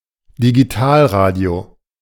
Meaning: digital radio
- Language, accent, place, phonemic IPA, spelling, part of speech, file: German, Germany, Berlin, /diɡiˈtaːlraːdi̯o/, Digitalradio, noun, De-Digitalradio.ogg